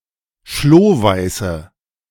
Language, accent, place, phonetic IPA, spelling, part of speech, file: German, Germany, Berlin, [ˈʃloːˌvaɪ̯sə], schlohweiße, adjective, De-schlohweiße.ogg
- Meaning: inflection of schlohweiß: 1. strong/mixed nominative/accusative feminine singular 2. strong nominative/accusative plural 3. weak nominative all-gender singular